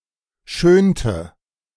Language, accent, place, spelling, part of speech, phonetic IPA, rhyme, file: German, Germany, Berlin, schönte, verb, [ˈʃøːntə], -øːntə, De-schönte.ogg
- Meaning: inflection of schönen: 1. first/third-person singular preterite 2. first/third-person singular subjunctive II